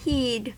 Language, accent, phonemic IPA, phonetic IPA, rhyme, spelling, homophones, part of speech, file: English, US, /ˈhiːd/, [ˈhɪi̯d], -iːd, heed, he'd, noun / verb, En-us-heed.ogg
- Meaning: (noun) Careful attention; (verb) 1. To guard, protect 2. To mind; to regard with care; to take notice of; to attend to; to observe 3. To pay attention, care